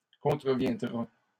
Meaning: third-person singular simple future of contrevenir
- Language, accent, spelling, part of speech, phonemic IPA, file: French, Canada, contreviendra, verb, /kɔ̃.tʁə.vjɛ̃.dʁa/, LL-Q150 (fra)-contreviendra.wav